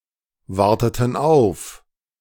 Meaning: inflection of aufwarten: 1. first/third-person plural preterite 2. first/third-person plural subjunctive II
- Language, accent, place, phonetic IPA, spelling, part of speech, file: German, Germany, Berlin, [ˌvaʁtətn̩ ˈaʊ̯f], warteten auf, verb, De-warteten auf.ogg